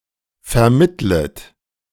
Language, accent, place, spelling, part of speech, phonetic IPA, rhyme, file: German, Germany, Berlin, vermittlet, verb, [fɛɐ̯ˈmɪtlət], -ɪtlət, De-vermittlet.ogg
- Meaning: second-person plural subjunctive I of vermitteln